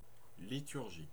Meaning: 1. a liturgy, predetermined or prescribed set of (religious) rituals 2. a liturgy, Ancient Greek service to the public interest
- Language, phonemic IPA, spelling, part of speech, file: French, /li.tyʁ.ʒi/, liturgie, noun, Fr-liturgie.ogg